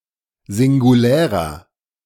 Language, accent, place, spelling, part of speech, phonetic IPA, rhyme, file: German, Germany, Berlin, singulärer, adjective, [zɪŋɡuˈlɛːʁɐ], -ɛːʁɐ, De-singulärer.ogg
- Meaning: inflection of singulär: 1. strong/mixed nominative masculine singular 2. strong genitive/dative feminine singular 3. strong genitive plural